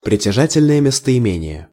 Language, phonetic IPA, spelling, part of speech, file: Russian, [prʲɪtʲɪˈʐatʲɪlʲnəjə mʲɪstəɪˈmʲenʲɪje], притяжательное местоимение, noun, Ru-притяжательное местоимение.ogg
- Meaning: possessive pronoun